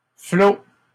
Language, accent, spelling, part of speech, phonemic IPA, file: French, Canada, flo, noun, /flo/, LL-Q150 (fra)-flo.wav
- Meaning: boy